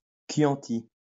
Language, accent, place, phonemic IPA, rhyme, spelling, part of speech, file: French, France, Lyon, /kjɑ̃.ti/, -i, chianti, noun, LL-Q150 (fra)-chianti.wav
- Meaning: Chianti (Tuscan red wine)